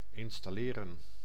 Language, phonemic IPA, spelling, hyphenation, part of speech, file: Dutch, /ɪn.stɑˈleː.rə(n)/, installeren, in‧stal‧le‧ren, verb, Nl-installeren.ogg
- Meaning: 1. to install 2. to settle, take one's place